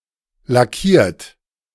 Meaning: 1. past participle of lackieren 2. inflection of lackieren: third-person singular present 3. inflection of lackieren: second-person plural present 4. inflection of lackieren: plural imperative
- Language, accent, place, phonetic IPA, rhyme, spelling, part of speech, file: German, Germany, Berlin, [laˈkiːɐ̯t], -iːɐ̯t, lackiert, adjective / verb, De-lackiert.ogg